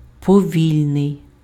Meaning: slow (taking a long time to move or go a short distance, or to perform an action; not quick in motion; proceeding at a low speed)
- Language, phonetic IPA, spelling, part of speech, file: Ukrainian, [pɔˈʋʲilʲnei̯], повільний, adjective, Uk-повільний.ogg